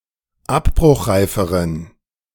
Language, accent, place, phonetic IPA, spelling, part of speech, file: German, Germany, Berlin, [ˈapbʁʊxˌʁaɪ̯fəʁən], abbruchreiferen, adjective, De-abbruchreiferen.ogg
- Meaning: inflection of abbruchreif: 1. strong genitive masculine/neuter singular comparative degree 2. weak/mixed genitive/dative all-gender singular comparative degree